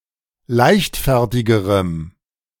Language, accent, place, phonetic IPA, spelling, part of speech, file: German, Germany, Berlin, [ˈlaɪ̯çtˌfɛʁtɪɡəʁəm], leichtfertigerem, adjective, De-leichtfertigerem.ogg
- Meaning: strong dative masculine/neuter singular comparative degree of leichtfertig